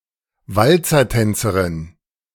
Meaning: female equivalent of Walzertänzer (“walz dancer”)
- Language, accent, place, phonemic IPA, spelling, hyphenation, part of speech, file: German, Germany, Berlin, /ˈvalt͡sɐˌtɛnt͡səʁɪn/, Walzertänzerin, Wal‧zer‧tän‧ze‧rin, noun, De-Walzertänzerin.ogg